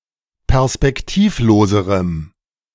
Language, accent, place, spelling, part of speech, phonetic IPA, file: German, Germany, Berlin, perspektivloserem, adjective, [pɛʁspɛkˈtiːfˌloːzəʁəm], De-perspektivloserem.ogg
- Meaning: strong dative masculine/neuter singular comparative degree of perspektivlos